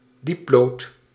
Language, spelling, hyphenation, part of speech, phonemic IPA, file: Dutch, dieplood, diep‧lood, noun, /ˈdip.loːt/, Nl-dieplood.ogg
- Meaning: a lead or plummet fixed to a sounding line or lead line